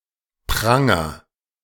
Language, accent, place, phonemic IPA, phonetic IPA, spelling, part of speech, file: German, Germany, Berlin, /ˈpraŋər/, [ˈpʁa.ŋɐ], Pranger, noun, De-Pranger.ogg
- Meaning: pillory; any construction to hold someone for public humiliation